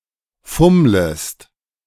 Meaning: second-person singular subjunctive I of fummeln
- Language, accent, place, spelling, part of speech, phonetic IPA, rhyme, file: German, Germany, Berlin, fummlest, verb, [ˈfʊmləst], -ʊmləst, De-fummlest.ogg